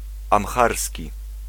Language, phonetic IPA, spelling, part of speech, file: Polish, [ãmˈxarsʲci], amharski, adjective / noun, Pl-amharski.ogg